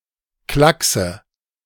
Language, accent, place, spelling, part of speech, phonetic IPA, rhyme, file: German, Germany, Berlin, Klackse, noun, [ˈklaksə], -aksə, De-Klackse.ogg
- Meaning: nominative/accusative/genitive plural of Klacks